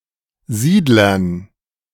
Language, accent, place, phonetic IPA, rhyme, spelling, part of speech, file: German, Germany, Berlin, [ˈziːdlɐn], -iːdlɐn, Siedlern, noun, De-Siedlern.ogg
- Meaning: dative plural of Siedler